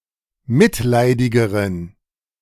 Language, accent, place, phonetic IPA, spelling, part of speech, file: German, Germany, Berlin, [ˈmɪtˌlaɪ̯dɪɡəʁən], mitleidigeren, adjective, De-mitleidigeren.ogg
- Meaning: inflection of mitleidig: 1. strong genitive masculine/neuter singular comparative degree 2. weak/mixed genitive/dative all-gender singular comparative degree